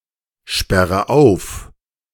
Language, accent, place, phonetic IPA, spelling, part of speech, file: German, Germany, Berlin, [ˌʃpɛʁə ˈaʊ̯f], sperre auf, verb, De-sperre auf.ogg
- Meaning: inflection of aufsperren: 1. first-person singular present 2. first/third-person singular subjunctive I 3. singular imperative